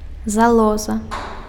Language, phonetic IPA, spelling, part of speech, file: Belarusian, [zaˈɫoza], залоза, noun, Be-залоза.ogg
- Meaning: gland